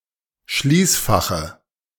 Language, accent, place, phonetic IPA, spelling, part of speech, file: German, Germany, Berlin, [ˈʃliːsˌfaxə], Schließfache, noun, De-Schließfache.ogg
- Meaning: dative of Schließfach